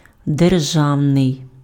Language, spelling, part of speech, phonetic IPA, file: Ukrainian, державний, adjective, [derˈʒau̯nei̯], Uk-державний.ogg
- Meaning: state (attributive) (of or relating to a nation state or its government)